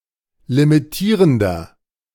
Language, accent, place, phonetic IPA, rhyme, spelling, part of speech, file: German, Germany, Berlin, [limiˈtiːʁəndɐ], -iːʁəndɐ, limitierender, adjective, De-limitierender.ogg
- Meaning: inflection of limitierend: 1. strong/mixed nominative masculine singular 2. strong genitive/dative feminine singular 3. strong genitive plural